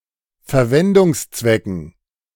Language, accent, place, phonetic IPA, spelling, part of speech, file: German, Germany, Berlin, [fɛɐ̯ˈvɛndʊŋsˌt͡svɛkn̩], Verwendungszwecken, noun, De-Verwendungszwecken.ogg
- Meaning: dative plural of Verwendungszweck